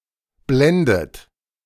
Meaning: inflection of blenden: 1. third-person singular present 2. second-person plural present 3. second-person plural subjunctive I 4. plural imperative
- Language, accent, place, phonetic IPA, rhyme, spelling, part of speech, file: German, Germany, Berlin, [ˈblɛndət], -ɛndət, blendet, verb, De-blendet.ogg